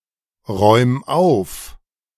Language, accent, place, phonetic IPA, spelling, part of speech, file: German, Germany, Berlin, [ˌʁɔɪ̯m ˈaʊ̯f], räum auf, verb, De-räum auf.ogg
- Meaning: 1. singular imperative of aufräumen 2. first-person singular present of aufräumen